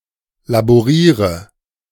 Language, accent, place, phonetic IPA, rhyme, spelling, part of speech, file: German, Germany, Berlin, [laboˈʁiːʁə], -iːʁə, laboriere, verb, De-laboriere.ogg
- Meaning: inflection of laborieren: 1. first-person singular present 2. first/third-person singular subjunctive I 3. singular imperative